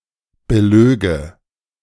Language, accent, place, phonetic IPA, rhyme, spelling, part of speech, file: German, Germany, Berlin, [bəˈløːɡə], -øːɡə, belöge, verb, De-belöge.ogg
- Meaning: first/third-person singular subjunctive II of belügen